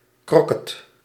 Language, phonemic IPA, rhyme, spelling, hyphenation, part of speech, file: Dutch, /kroːˈkɛt/, -ɛt, croquet, cro‧quet, noun, Nl-croquet.ogg
- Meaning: superseded spelling of kroket